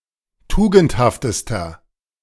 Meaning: inflection of tugendhaft: 1. strong/mixed nominative masculine singular superlative degree 2. strong genitive/dative feminine singular superlative degree 3. strong genitive plural superlative degree
- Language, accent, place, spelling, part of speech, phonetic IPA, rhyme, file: German, Germany, Berlin, tugendhaftester, adjective, [ˈtuːɡn̩thaftəstɐ], -uːɡn̩thaftəstɐ, De-tugendhaftester.ogg